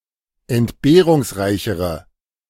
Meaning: inflection of entbehrungsreich: 1. strong/mixed nominative/accusative feminine singular comparative degree 2. strong nominative/accusative plural comparative degree
- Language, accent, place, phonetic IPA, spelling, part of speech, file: German, Germany, Berlin, [ɛntˈbeːʁʊŋsˌʁaɪ̯çəʁə], entbehrungsreichere, adjective, De-entbehrungsreichere.ogg